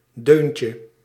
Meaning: diminutive of deun
- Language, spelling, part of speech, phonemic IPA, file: Dutch, deuntje, noun, /ˈdøncə/, Nl-deuntje.ogg